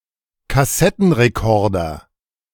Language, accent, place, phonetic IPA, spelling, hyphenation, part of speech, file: German, Germany, Berlin, [kaˈsɛtn̩ʁeˌkɔʁdɐ], Kassettenrekorder, Kas‧set‧ten‧re‧kor‧der, noun, De-Kassettenrekorder.ogg
- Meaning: cassette deck, tape recorder